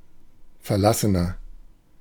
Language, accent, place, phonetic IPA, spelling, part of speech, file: German, Germany, Berlin, [fɛɐ̯ˈlasənɐ], verlassener, adjective, De-verlassener.ogg
- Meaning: 1. comparative degree of verlassen 2. inflection of verlassen: strong/mixed nominative masculine singular 3. inflection of verlassen: strong genitive/dative feminine singular